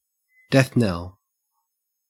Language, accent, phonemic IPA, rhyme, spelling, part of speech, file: English, Australia, /dɛθ nɛl/, -ɛl, death knell, noun, En-au-death knell.ogg
- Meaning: 1. The tolling of a bell announcing death 2. A marker, sign or omen foretelling the imminent end, death or destruction of something